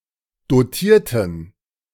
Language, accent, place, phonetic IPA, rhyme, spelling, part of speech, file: German, Germany, Berlin, [doˈtiːɐ̯tn̩], -iːɐ̯tn̩, dotierten, adjective / verb, De-dotierten.ogg
- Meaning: inflection of dotiert: 1. strong genitive masculine/neuter singular 2. weak/mixed genitive/dative all-gender singular 3. strong/weak/mixed accusative masculine singular 4. strong dative plural